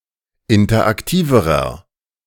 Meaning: inflection of interaktiv: 1. strong/mixed nominative masculine singular comparative degree 2. strong genitive/dative feminine singular comparative degree 3. strong genitive plural comparative degree
- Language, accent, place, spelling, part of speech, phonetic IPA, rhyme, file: German, Germany, Berlin, interaktiverer, adjective, [ˌɪntɐʔakˈtiːvəʁɐ], -iːvəʁɐ, De-interaktiverer.ogg